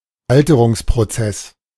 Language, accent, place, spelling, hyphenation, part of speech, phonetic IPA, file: German, Germany, Berlin, Alterungsprozess, Al‧te‧rungs‧pro‧zess, noun, [ˈaltəʁʊŋspʁoˌt͡sɛs], De-Alterungsprozess.ogg
- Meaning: ageing, senescence